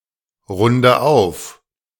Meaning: inflection of aufrunden: 1. first-person singular present 2. first/third-person singular subjunctive I 3. singular imperative
- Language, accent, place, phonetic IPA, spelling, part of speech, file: German, Germany, Berlin, [ˌʁʊndə ˈaʊ̯f], runde auf, verb, De-runde auf.ogg